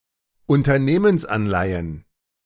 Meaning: plural of Unternehmensanleihe
- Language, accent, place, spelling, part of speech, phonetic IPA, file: German, Germany, Berlin, Unternehmensanleihen, noun, [ʊntɐˈneːmənsˌʔanlaɪ̯ən], De-Unternehmensanleihen.ogg